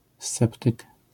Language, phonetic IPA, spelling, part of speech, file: Polish, [ˈst͡sɛptɨk], sceptyk, noun, LL-Q809 (pol)-sceptyk.wav